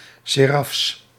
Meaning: plural of seraf
- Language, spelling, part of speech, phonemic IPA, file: Dutch, serafs, noun, /ˈserɑfs/, Nl-serafs.ogg